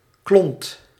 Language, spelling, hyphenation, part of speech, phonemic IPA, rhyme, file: Dutch, klont, klont, noun, /klɔnt/, -ɔnt, Nl-klont.ogg
- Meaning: a (small) lump of matter, e.g. of food